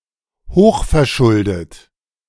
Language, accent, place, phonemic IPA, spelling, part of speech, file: German, Germany, Berlin, /ˈhoːχfɛɐ̯ˌʃʊldət/, hochverschuldet, adjective, De-hochverschuldet.ogg
- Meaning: highly-indebted (heavily in debt)